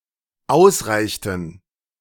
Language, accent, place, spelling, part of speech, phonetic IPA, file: German, Germany, Berlin, ausreichten, verb, [ˈaʊ̯sˌʁaɪ̯çtn̩], De-ausreichten.ogg
- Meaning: inflection of ausreichen: 1. first/third-person plural dependent preterite 2. first/third-person plural dependent subjunctive II